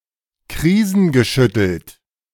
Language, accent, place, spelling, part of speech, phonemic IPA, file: German, Germany, Berlin, krisengeschüttelt, adjective, /ˈkʁiːzn̩ɡəˌʃʏtl̩t/, De-krisengeschüttelt.ogg
- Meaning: crisis-ridden